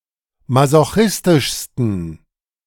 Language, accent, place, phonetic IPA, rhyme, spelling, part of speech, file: German, Germany, Berlin, [mazoˈxɪstɪʃstn̩], -ɪstɪʃstn̩, masochistischsten, adjective, De-masochistischsten.ogg
- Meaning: 1. superlative degree of masochistisch 2. inflection of masochistisch: strong genitive masculine/neuter singular superlative degree